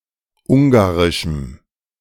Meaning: strong dative masculine/neuter singular of ungarisch
- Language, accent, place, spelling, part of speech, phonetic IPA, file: German, Germany, Berlin, ungarischem, adjective, [ˈʊŋɡaʁɪʃm̩], De-ungarischem.ogg